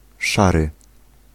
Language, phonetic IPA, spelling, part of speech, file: Polish, [ˈʃarɨ], szary, adjective, Pl-szary.ogg